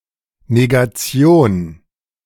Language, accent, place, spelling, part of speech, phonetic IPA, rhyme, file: German, Germany, Berlin, Negation, noun, [neɡaˈt͡si̯oːn], -oːn, De-Negation.ogg
- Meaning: negation (logic)